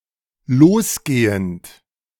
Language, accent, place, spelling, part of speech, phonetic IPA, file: German, Germany, Berlin, losgehend, verb, [ˈloːsˌɡeːənt], De-losgehend.ogg
- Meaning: present participle of losgehen